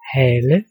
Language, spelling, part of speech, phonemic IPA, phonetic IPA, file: Danish, hale, noun / verb, /haːlə/, [ˈhæːlə], Da-hale.ogg
- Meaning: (noun) 1. tail, brush, scut 2. bottom, fanny; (verb) 1. haul, heave, pull 2. drag